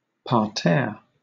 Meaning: 1. A flowerbed, particularly an elevated one 2. A garden with paths between such flowerbeds 3. A part of the section of theater seats located on the ground floor, on the same level as the orchestra
- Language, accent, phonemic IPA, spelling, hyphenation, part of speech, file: English, Southern England, /pɑːˈtɛə/, parterre, par‧terre, noun, LL-Q1860 (eng)-parterre.wav